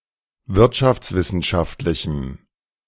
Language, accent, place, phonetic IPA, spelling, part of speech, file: German, Germany, Berlin, [ˈvɪʁtʃaft͡sˌvɪsn̩ʃaftlɪçm̩], wirtschaftswissenschaftlichem, adjective, De-wirtschaftswissenschaftlichem.ogg
- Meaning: strong dative masculine/neuter singular of wirtschaftswissenschaftlich